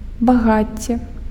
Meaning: wealth
- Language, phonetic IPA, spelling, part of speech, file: Belarusian, [baˈɣat͡sʲːe], багацце, noun, Be-багацце.ogg